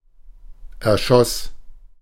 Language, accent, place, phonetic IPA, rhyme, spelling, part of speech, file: German, Germany, Berlin, [ɛɐ̯ˈʃɔs], -ɔs, erschoss, verb, De-erschoss.ogg
- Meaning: first/third-person singular preterite of erschießen